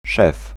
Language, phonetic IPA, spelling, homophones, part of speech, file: Polish, [ʃɛf], szef, szew, noun, Pl-szef.ogg